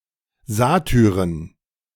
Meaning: genitive of Satyr
- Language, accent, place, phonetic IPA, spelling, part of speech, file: German, Germany, Berlin, [ˈzaːtʏʁən], Satyren, noun, De-Satyren.ogg